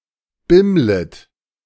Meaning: second-person plural subjunctive I of bimmeln
- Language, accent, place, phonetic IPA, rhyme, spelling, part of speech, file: German, Germany, Berlin, [ˈbɪmlət], -ɪmlət, bimmlet, verb, De-bimmlet.ogg